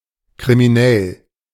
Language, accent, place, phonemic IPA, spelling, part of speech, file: German, Germany, Berlin, /kʁi.miˈnɛl/, kriminell, adjective, De-kriminell.ogg
- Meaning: criminal